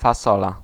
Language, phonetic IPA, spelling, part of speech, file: Polish, [faˈsɔla], fasola, noun, Pl-fasola.ogg